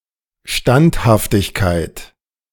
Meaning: steadfastness
- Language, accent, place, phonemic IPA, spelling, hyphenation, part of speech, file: German, Germany, Berlin, /ˈʃtanthaftɪçkaɪ̯t/, Standhaftigkeit, Stand‧haf‧tig‧keit, noun, De-Standhaftigkeit.ogg